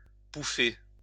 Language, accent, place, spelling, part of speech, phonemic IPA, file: French, France, Lyon, pouffer, verb, /pu.fe/, LL-Q150 (fra)-pouffer.wav
- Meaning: to burst out (with laughter); to crack up